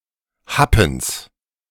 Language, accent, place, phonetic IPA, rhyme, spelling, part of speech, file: German, Germany, Berlin, [ˈhapn̩s], -apn̩s, Happens, noun, De-Happens.ogg
- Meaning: genitive singular of Happen